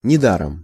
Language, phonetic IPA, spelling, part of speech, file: Russian, [nʲɪˈdarəm], недаром, adverb, Ru-недаром.ogg
- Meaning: not in vain, not without reason; not for nothing; justly